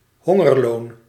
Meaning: a starvation wage, a pittance
- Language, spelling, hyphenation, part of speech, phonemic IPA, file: Dutch, hongerloon, hon‧ger‧loon, noun, /ˈɦɔ.ŋərˌloːn/, Nl-hongerloon.ogg